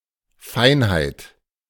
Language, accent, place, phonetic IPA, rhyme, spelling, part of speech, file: German, Germany, Berlin, [ˈfaɪ̯nhaɪ̯t], -aɪ̯nhaɪ̯t, Feinheit, noun, De-Feinheit.ogg
- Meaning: 1. finesse 2. delicacy